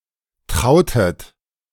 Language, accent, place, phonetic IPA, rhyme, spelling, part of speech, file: German, Germany, Berlin, [ˈtʁaʊ̯tət], -aʊ̯tət, trautet, verb, De-trautet.ogg
- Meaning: inflection of trauen: 1. second-person plural preterite 2. second-person plural subjunctive II